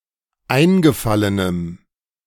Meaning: strong dative masculine/neuter singular of eingefallen
- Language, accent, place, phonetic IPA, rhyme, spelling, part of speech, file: German, Germany, Berlin, [ˈaɪ̯nɡəˌfalənəm], -aɪ̯nɡəfalənəm, eingefallenem, adjective, De-eingefallenem.ogg